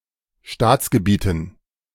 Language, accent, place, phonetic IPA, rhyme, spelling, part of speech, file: German, Germany, Berlin, [ˈʃtaːt͡sɡəˌbiːtn̩], -aːt͡sɡəbiːtn̩, Staatsgebieten, noun, De-Staatsgebieten.ogg
- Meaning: dative plural of Staatsgebiet